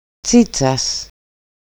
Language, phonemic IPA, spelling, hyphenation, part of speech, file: Greek, /ˈtsitsas/, τσίτσας, τσί‧τσας, noun, EL-τσίτσας.ogg
- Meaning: genitive singular of τσίτσα (tsítsa)